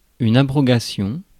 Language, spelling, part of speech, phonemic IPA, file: French, abrogation, noun, /a.bʁɔ.ɡa.sjɔ̃/, Fr-abrogation.ogg
- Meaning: abrogation; repeal